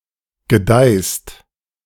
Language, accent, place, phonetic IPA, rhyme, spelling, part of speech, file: German, Germany, Berlin, [ɡəˈdaɪ̯st], -aɪ̯st, gedeihst, verb, De-gedeihst.ogg
- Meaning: second-person singular present of gedeihen